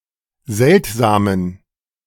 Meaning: inflection of seltsam: 1. strong genitive masculine/neuter singular 2. weak/mixed genitive/dative all-gender singular 3. strong/weak/mixed accusative masculine singular 4. strong dative plural
- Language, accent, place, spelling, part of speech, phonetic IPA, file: German, Germany, Berlin, seltsamen, adjective, [ˈzɛltzaːmən], De-seltsamen.ogg